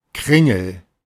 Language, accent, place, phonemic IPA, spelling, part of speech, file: German, Germany, Berlin, /ˈkʁɪŋəl/, Kringel, noun, De-Kringel.ogg
- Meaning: 1. loop, curl, squiggle (something roundish, especially a loop of writing or of something spiral-shaped) 2. a biscuit of such shape